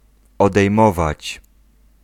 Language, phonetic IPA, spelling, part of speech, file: Polish, [ˌɔdɛjˈmɔvat͡ɕ], odejmować, verb, Pl-odejmować.ogg